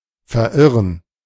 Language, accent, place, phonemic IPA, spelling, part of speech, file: German, Germany, Berlin, /fɛɐ̯ˈʔɪʁən/, verirren, verb, De-verirren.ogg
- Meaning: to get lost